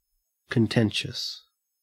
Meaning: 1. Marked by heated arguments or controversy 2. Given to struggling with others out of jealousy or discord
- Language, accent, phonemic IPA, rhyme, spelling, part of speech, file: English, Australia, /kənˈtɛn.ʃəs/, -ɛnʃəs, contentious, adjective, En-au-contentious.ogg